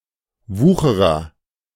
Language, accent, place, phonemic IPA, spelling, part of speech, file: German, Germany, Berlin, /ˈvuːxəʁɐ/, Wucherer, noun, De-Wucherer.ogg
- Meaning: usurer (one who loans money at exorbitant interest rates), loan shark